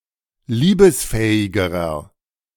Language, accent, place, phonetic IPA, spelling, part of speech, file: German, Germany, Berlin, [ˈliːbəsˌfɛːɪɡəʁɐ], liebesfähigerer, adjective, De-liebesfähigerer.ogg
- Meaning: inflection of liebesfähig: 1. strong/mixed nominative masculine singular comparative degree 2. strong genitive/dative feminine singular comparative degree 3. strong genitive plural comparative degree